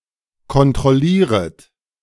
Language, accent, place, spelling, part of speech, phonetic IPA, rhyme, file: German, Germany, Berlin, kontrollieret, verb, [kɔntʁɔˈliːʁət], -iːʁət, De-kontrollieret.ogg
- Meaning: second-person plural subjunctive I of kontrollieren